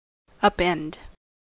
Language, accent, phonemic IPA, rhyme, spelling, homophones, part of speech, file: English, US, /ʌpˈɛnd/, -ɛnd, upend, append, verb, En-us-upend.ogg
- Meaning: 1. To end up; to set on end 2. To tip or turn over 3. To destroy, invalidate, overthrow, or defeat 4. To affect or upset drastically